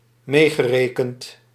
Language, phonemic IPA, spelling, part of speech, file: Dutch, /ˈmeɣəˌrekənt/, meegerekend, verb / adjective, Nl-meegerekend.ogg
- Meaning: past participle of meerekenen